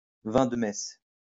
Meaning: altar wine
- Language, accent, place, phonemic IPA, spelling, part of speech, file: French, France, Lyon, /vɛ̃ d(ə) mɛs/, vin de messe, noun, LL-Q150 (fra)-vin de messe.wav